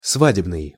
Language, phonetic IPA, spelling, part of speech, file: Russian, [ˈsvadʲɪbnɨj], свадебный, adjective, Ru-свадебный.ogg
- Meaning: wedding